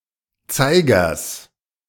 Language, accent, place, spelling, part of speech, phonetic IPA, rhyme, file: German, Germany, Berlin, Zeigers, noun, [ˈt͡saɪ̯ɡɐs], -aɪ̯ɡɐs, De-Zeigers.ogg
- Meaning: genitive singular of Zeiger